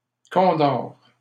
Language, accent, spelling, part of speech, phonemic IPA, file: French, Canada, condor, noun, /kɔ̃.dɔʁ/, LL-Q150 (fra)-condor.wav
- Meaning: condor (American species of vultures)